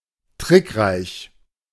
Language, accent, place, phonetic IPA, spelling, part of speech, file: German, Germany, Berlin, [ˈtʁɪkˌʁaɪ̯ç], trickreich, adjective, De-trickreich.ogg
- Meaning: 1. artful 2. tricky 3. clever 4. wily